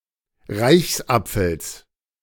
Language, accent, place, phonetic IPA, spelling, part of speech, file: German, Germany, Berlin, [ˈʁaɪ̯çsˌʔap͡fl̩s], Reichsapfels, noun, De-Reichsapfels.ogg
- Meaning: genitive of Reichsapfel